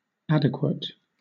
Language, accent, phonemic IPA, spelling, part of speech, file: English, Southern England, /ˈæd.ɪ.kwət/, adequate, adjective, LL-Q1860 (eng)-adequate.wav
- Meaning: Equal to or fulfilling some requirement